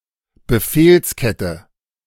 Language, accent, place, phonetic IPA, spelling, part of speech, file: German, Germany, Berlin, [bəˈfeːlsˌkɛtə], Befehlskette, noun, De-Befehlskette.ogg
- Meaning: chain of command